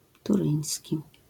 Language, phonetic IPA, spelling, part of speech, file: Polish, [tuˈrɨ̃j̃sʲci], turyński, adjective, LL-Q809 (pol)-turyński.wav